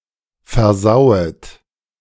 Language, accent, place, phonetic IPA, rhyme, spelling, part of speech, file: German, Germany, Berlin, [fɛɐ̯ˈzaʊ̯ət], -aʊ̯ət, versauet, verb, De-versauet.ogg
- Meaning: second-person plural subjunctive I of versauen